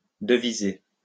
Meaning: 1. to chat (converse familiarly) 2. to make a quote for a prospective client
- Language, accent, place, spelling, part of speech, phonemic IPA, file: French, France, Lyon, deviser, verb, /də.vi.ze/, LL-Q150 (fra)-deviser.wav